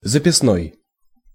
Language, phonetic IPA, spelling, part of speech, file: Russian, [zəpʲɪsˈnoj], записной, adjective, Ru-записной.ogg
- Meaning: 1. note; intended for notes 2. inveterate, out-and-out